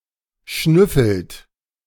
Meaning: inflection of schnüffeln: 1. third-person singular present 2. second-person plural present 3. plural imperative
- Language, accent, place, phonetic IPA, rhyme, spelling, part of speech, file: German, Germany, Berlin, [ˈʃnʏfl̩t], -ʏfl̩t, schnüffelt, verb, De-schnüffelt.ogg